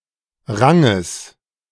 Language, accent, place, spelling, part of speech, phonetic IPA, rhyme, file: German, Germany, Berlin, Ranges, noun, [ˈʁaŋəs], -aŋəs, De-Ranges.ogg
- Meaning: genitive singular of Rang